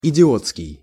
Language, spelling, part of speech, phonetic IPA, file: Russian, идиотский, adjective, [ɪdʲɪˈot͡skʲɪj], Ru-идиотский.ogg
- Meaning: idiotic